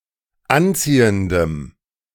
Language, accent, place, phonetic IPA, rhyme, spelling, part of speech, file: German, Germany, Berlin, [ˈanˌt͡siːəndəm], -ant͡siːəndəm, anziehendem, adjective, De-anziehendem.ogg
- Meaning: strong dative masculine/neuter singular of anziehend